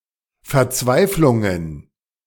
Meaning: plural of Verzweiflung
- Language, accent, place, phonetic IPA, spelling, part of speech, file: German, Germany, Berlin, [fɛɐ̯ˈt͡svaɪ̯flʊŋən], Verzweiflungen, noun, De-Verzweiflungen.ogg